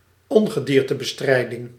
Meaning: 1. pest control (activity of exterminating pests) 2. pest control service, pest control agency
- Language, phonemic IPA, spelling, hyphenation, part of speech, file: Dutch, /ˈɔn.ɣə.diːr.tə.bəˌstrɛi̯.dɪŋ/, ongediertebestrijding, on‧ge‧dier‧te‧be‧strij‧ding, noun, Nl-ongediertebestrijding.ogg